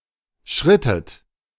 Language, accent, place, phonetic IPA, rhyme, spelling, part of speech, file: German, Germany, Berlin, [ˈʃʁɪtət], -ɪtət, schrittet, verb, De-schrittet.ogg
- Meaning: inflection of schreiten: 1. second-person plural preterite 2. second-person plural subjunctive II